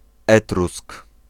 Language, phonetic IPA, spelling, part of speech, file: Polish, [ˈɛtrusk], Etrusk, noun, Pl-Etrusk.ogg